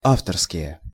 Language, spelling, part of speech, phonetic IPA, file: Russian, авторские, noun, [ˈaftərskʲɪje], Ru-авторские.ogg
- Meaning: royalties, money paid to the author by the publishing company